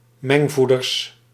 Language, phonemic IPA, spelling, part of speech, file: Dutch, /ˈmɛŋvudərs/, mengvoeders, noun, Nl-mengvoeders.ogg
- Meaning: plural of mengvoeder